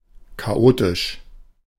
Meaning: chaotic
- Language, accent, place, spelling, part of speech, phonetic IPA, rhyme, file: German, Germany, Berlin, chaotisch, adjective, [kaˈʔoːtɪʃ], -oːtɪʃ, De-chaotisch.ogg